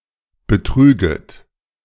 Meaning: second-person plural subjunctive I of betrügen
- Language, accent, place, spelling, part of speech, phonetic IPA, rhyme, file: German, Germany, Berlin, betrüget, verb, [bəˈtʁyːɡət], -yːɡət, De-betrüget.ogg